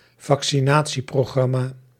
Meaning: a vaccination programme
- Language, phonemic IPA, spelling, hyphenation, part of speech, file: Dutch, /vɑk.siˈnaː.(t)si.proːˌɣrɑ.maː/, vaccinatieprogramma, vac‧ci‧na‧tie‧pro‧gram‧ma, noun, Nl-vaccinatieprogramma.ogg